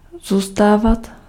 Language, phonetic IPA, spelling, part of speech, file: Czech, [ˈzuːstaːvat], zůstávat, verb, Cs-zůstávat.ogg
- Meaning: imperfective form of zůstat